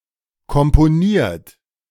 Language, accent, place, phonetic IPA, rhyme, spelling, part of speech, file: German, Germany, Berlin, [kɔmpoˈniːɐ̯t], -iːɐ̯t, komponiert, verb, De-komponiert.ogg
- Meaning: 1. past participle of komponieren 2. inflection of komponieren: third-person singular present 3. inflection of komponieren: second-person plural present 4. inflection of komponieren: plural imperative